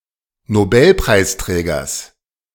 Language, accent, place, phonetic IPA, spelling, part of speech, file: German, Germany, Berlin, [noˈbɛlpʁaɪ̯sˌtʁɛːɡɐs], Nobelpreisträgers, noun, De-Nobelpreisträgers.ogg
- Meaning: genitive singular of Nobelpreisträger